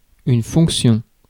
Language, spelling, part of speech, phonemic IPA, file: French, fonction, noun, /fɔ̃k.sjɔ̃/, Fr-fonction.ogg
- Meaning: 1. function (what something does or is used for) 2. role (function or position of something or someone) 3. function